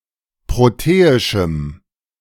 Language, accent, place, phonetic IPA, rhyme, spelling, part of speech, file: German, Germany, Berlin, [ˌpʁoˈteːɪʃm̩], -eːɪʃm̩, proteischem, adjective, De-proteischem.ogg
- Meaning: strong dative masculine/neuter singular of proteisch